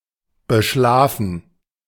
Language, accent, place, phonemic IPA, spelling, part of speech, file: German, Germany, Berlin, /bəˈʃlaːfn̩/, beschlafen, verb, De-beschlafen.ogg
- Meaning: 1. to sleep with 2. to sleep on (a matter)